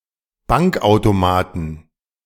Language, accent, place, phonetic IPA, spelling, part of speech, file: German, Germany, Berlin, [ˈbaŋkʔaʊ̯toˌmaːtn̩], Bankautomaten, noun, De-Bankautomaten.ogg
- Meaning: 1. plural of Bankautomat 2. genitive singular of Bankautomat